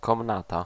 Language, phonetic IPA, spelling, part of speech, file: Polish, [kɔ̃mˈnata], komnata, noun, Pl-komnata.ogg